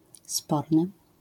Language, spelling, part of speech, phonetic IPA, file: Polish, sporny, adjective, [ˈspɔrnɨ], LL-Q809 (pol)-sporny.wav